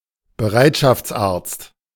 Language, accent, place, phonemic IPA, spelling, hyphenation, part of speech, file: German, Germany, Berlin, /bəˈʁaɪ̯tʃaft͡sˌʔaːɐ̯t͡st/, Bereitschaftsarzt, Be‧reit‧schafts‧arzt, noun, De-Bereitschaftsarzt.ogg
- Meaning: on-call doctor